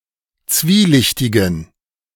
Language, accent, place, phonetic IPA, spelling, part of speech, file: German, Germany, Berlin, [ˈt͡sviːˌlɪçtɪɡn̩], zwielichtigen, adjective, De-zwielichtigen.ogg
- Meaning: inflection of zwielichtig: 1. strong genitive masculine/neuter singular 2. weak/mixed genitive/dative all-gender singular 3. strong/weak/mixed accusative masculine singular 4. strong dative plural